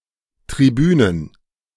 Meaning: plural of Tribüne
- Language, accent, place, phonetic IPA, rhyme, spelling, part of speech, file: German, Germany, Berlin, [tʁiˈbyːnən], -yːnən, Tribünen, noun, De-Tribünen.ogg